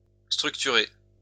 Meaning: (verb) past participle of structurer; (adjective) structured
- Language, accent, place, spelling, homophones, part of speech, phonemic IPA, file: French, France, Lyon, structuré, structurai / structurée / structurées / structurer / structurés / structurez, verb / adjective, /stʁyk.ty.ʁe/, LL-Q150 (fra)-structuré.wav